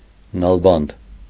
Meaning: farrier
- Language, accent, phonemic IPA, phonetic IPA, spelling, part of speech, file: Armenian, Eastern Armenian, /nɑlˈbɑnd/, [nɑlbɑ́nd], նալբանդ, noun, Hy-նալբանդ.ogg